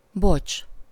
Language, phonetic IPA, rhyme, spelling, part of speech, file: Hungarian, [ˈbot͡ʃ], -ot͡ʃ, bocs, noun / interjection, Hu-bocs.ogg
- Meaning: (noun) bear cub; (interjection) apols, soz (colloquial form of sorry or apologies)